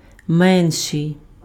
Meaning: comparative degree of мали́й (malýj): smaller, lesser
- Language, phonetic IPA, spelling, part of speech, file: Ukrainian, [ˈmɛnʃei̯], менший, adjective, Uk-менший.ogg